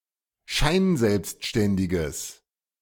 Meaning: strong/mixed nominative/accusative neuter singular of scheinselbstständig
- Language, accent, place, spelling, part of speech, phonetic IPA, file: German, Germany, Berlin, scheinselbstständiges, adjective, [ˈʃaɪ̯nˌzɛlpstʃtɛndɪɡəs], De-scheinselbstständiges.ogg